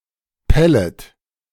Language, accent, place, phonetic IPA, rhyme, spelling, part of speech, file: German, Germany, Berlin, [ˈpɛlət], -ɛlət, pellet, verb, De-pellet.ogg
- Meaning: second-person plural subjunctive I of pellen